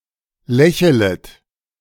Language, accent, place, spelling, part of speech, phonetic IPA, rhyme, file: German, Germany, Berlin, lächelet, verb, [ˈlɛçələt], -ɛçələt, De-lächelet.ogg
- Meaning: second-person plural subjunctive I of lächeln